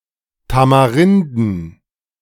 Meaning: plural of Tamarinde
- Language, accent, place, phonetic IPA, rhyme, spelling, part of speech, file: German, Germany, Berlin, [tamaˈʁɪndn̩], -ɪndn̩, Tamarinden, noun, De-Tamarinden.ogg